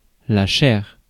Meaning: flesh
- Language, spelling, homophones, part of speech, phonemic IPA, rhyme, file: French, chair, chaire / chaires / chairs / cher / chers / chère / chères / cherres, noun, /ʃɛʁ/, -ɛʁ, Fr-chair.ogg